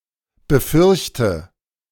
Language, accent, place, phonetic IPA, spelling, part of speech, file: German, Germany, Berlin, [bəˈfʏʁçtə], befürchte, verb, De-befürchte.ogg
- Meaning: inflection of befürchten: 1. first-person singular present 2. first/third-person singular subjunctive I 3. singular imperative